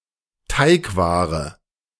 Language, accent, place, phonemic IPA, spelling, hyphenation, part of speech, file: German, Germany, Berlin, /ˈtaɪ̯kˌvaːʁə/, Teigware, Teig‧wa‧re, noun, De-Teigware.ogg
- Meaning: pasta